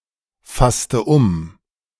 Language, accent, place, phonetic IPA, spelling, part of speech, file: German, Germany, Berlin, [ˌfastə ˈʊm], fasste um, verb, De-fasste um.ogg
- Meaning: inflection of umfassen: 1. first/third-person singular preterite 2. first/third-person singular subjunctive II